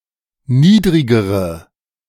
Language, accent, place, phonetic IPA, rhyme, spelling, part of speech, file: German, Germany, Berlin, [ˈniːdʁɪɡəʁə], -iːdʁɪɡəʁə, niedrigere, adjective, De-niedrigere.ogg
- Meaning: inflection of niedrig: 1. strong/mixed nominative/accusative feminine singular comparative degree 2. strong nominative/accusative plural comparative degree